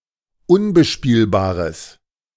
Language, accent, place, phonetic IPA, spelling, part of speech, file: German, Germany, Berlin, [ˈʊnbəˌʃpiːlbaːʁəs], unbespielbares, adjective, De-unbespielbares.ogg
- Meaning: strong/mixed nominative/accusative neuter singular of unbespielbar